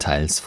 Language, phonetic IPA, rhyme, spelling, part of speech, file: German, [taɪ̯ls], -aɪ̯ls, Teils, noun, De-Teils.ogg
- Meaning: genitive singular of Teil